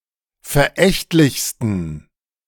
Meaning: 1. superlative degree of verächtlich 2. inflection of verächtlich: strong genitive masculine/neuter singular superlative degree
- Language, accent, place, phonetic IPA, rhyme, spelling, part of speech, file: German, Germany, Berlin, [fɛɐ̯ˈʔɛçtlɪçstn̩], -ɛçtlɪçstn̩, verächtlichsten, adjective, De-verächtlichsten.ogg